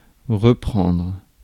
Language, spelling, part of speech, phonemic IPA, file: French, reprendre, verb, /ʁə.pʁɑ̃dʁ/, Fr-reprendre.ogg
- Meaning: 1. to take back, recover, regain 2. to take again, take more of, have another helping 3. to resume (work), get back to, carry on with 4. to retake, recapture 5. to start again